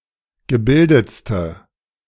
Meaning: inflection of gebildet: 1. strong/mixed nominative/accusative feminine singular superlative degree 2. strong nominative/accusative plural superlative degree
- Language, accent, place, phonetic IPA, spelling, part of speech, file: German, Germany, Berlin, [ɡəˈbɪldət͡stə], gebildetste, adjective, De-gebildetste.ogg